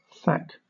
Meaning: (verb) To strike or thump (someone or something); to thwack; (noun) A stroke; a thwack; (interjection) The sound of a thack; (noun) The weatherproof outer layer of a roof, often specifically thatch
- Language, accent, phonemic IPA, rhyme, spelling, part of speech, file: English, Southern England, /θæk/, -æk, thack, verb / noun / interjection, LL-Q1860 (eng)-thack.wav